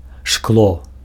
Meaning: glass, glassware
- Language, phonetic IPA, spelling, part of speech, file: Belarusian, [ʂkɫo], шкло, noun, Be-шкло.ogg